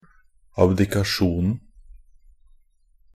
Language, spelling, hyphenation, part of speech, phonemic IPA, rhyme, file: Norwegian Bokmål, abdikasjonen, ab‧di‧ka‧sjon‧en, noun, /abdɪkaˈʃuːnn̩/, -uːnn̩, NB - Pronunciation of Norwegian Bokmål «abdikasjonen».ogg
- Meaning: definite singular of abdikasjon